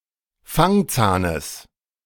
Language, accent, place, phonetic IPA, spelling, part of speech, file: German, Germany, Berlin, [ˈfaŋˌt͡saːnəs], Fangzahnes, noun, De-Fangzahnes.ogg
- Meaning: genitive singular of Fangzahn